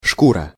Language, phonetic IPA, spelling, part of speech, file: Russian, [ˈʂkurə], шкура, noun, Ru-шкура.ogg
- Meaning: 1. hide, coat, pelt, skin (especially when used as a material) 2. bastard, scum 3. whore